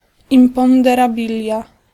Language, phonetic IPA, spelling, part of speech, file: Polish, [ˌĩmpɔ̃ndɛraˈbʲilʲja], imponderabilia, noun, Pl-imponderabilia.ogg